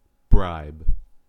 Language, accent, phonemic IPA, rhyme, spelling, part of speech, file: English, US, /bɹaɪb/, -aɪb, bribe, noun / verb, En-us-bribe.ogg
- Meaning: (noun) 1. Something (usually money) given in exchange for influence or as an inducement to breaking the law 2. The act of offering or paying such a payment: an act of bribery